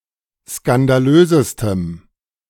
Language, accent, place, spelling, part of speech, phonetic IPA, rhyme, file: German, Germany, Berlin, skandalösestem, adjective, [skandaˈløːzəstəm], -øːzəstəm, De-skandalösestem.ogg
- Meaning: strong dative masculine/neuter singular superlative degree of skandalös